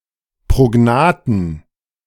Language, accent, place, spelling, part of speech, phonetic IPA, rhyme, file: German, Germany, Berlin, prognathen, adjective, [pʁoˈɡnaːtn̩], -aːtn̩, De-prognathen.ogg
- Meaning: inflection of prognath: 1. strong genitive masculine/neuter singular 2. weak/mixed genitive/dative all-gender singular 3. strong/weak/mixed accusative masculine singular 4. strong dative plural